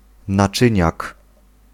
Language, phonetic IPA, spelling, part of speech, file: Polish, [naˈt͡ʃɨ̃ɲak], naczyniak, noun, Pl-naczyniak.ogg